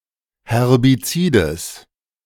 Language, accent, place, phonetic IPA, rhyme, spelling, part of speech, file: German, Germany, Berlin, [hɛʁbiˈt͡siːdəs], -iːdəs, Herbizides, noun, De-Herbizides.ogg
- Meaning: genitive singular of Herbizid